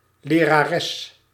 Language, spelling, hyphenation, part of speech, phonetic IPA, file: Dutch, lerares, le‧ra‧res, noun, [leːraːˈrɛs], Nl-lerares.ogg
- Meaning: female teacher